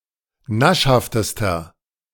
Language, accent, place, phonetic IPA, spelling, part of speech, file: German, Germany, Berlin, [ˈnaʃhaftəstɐ], naschhaftester, adjective, De-naschhaftester.ogg
- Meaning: inflection of naschhaft: 1. strong/mixed nominative masculine singular superlative degree 2. strong genitive/dative feminine singular superlative degree 3. strong genitive plural superlative degree